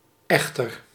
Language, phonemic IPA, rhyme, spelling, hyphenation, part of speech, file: Dutch, /ˈɛx.tər/, -ɛxtər, echter, ech‧ter, adverb / adjective, Nl-echter.ogg
- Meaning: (adverb) however; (adjective) comparative degree of echt